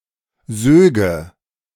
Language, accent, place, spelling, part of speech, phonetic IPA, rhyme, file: German, Germany, Berlin, söge, verb, [ˈzøːɡə], -øːɡə, De-söge.ogg
- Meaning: first/third-person singular subjunctive II of saugen